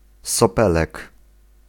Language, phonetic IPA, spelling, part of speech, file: Polish, [sɔˈpɛlɛk], sopelek, noun, Pl-sopelek.ogg